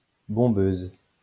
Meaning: female equivalent of bombeur
- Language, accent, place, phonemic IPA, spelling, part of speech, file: French, France, Lyon, /bɔ̃.bøz/, bombeuse, noun, LL-Q150 (fra)-bombeuse.wav